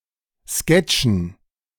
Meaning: dative plural of Sketch
- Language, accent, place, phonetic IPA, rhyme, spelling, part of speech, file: German, Germany, Berlin, [ˈskɛt͡ʃn̩], -ɛt͡ʃn̩, Sketchen, noun, De-Sketchen.ogg